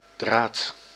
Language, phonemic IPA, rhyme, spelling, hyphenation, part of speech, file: Dutch, /draːt/, -aːt, draad, draad, noun, Nl-draad.ogg
- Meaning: 1. thread 2. wire 3. screw thread 4. discussion thread, topic